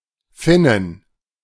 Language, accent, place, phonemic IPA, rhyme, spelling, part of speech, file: German, Germany, Berlin, /ˈfɪnən/, -ɪnən, Finnen, noun, De-Finnen.ogg
- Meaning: plural of Finne